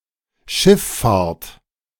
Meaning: water transportation, water transport
- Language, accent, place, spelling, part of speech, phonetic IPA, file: German, Germany, Berlin, Schifffahrt, noun, [ˈʃɪfˌfaːɐ̯t], De-Schifffahrt.ogg